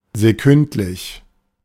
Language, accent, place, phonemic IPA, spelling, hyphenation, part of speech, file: German, Germany, Berlin, /zeˈkʏntlɪç/, sekündlich, se‧künd‧lich, adjective, De-sekündlich.ogg
- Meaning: second-by-second